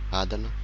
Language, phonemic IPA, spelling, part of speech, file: Malagasy, /ˈad/, adana, noun, Mg-adana.ogg
- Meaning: slowness; peace; tranquility